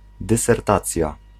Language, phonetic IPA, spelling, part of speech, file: Polish, [ˌdɨsɛrˈtat͡sʲja], dysertacja, noun, Pl-dysertacja.ogg